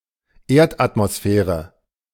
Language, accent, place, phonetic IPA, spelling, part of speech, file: German, Germany, Berlin, [ˈeːɐ̯tʔatmoˌsfɛːʁə], Erdatmosphäre, noun, De-Erdatmosphäre.ogg
- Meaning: Earth's atmosphere